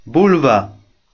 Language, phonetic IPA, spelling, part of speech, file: Polish, [ˈbulva], bulwa, noun / interjection, Pl-bulwa.oga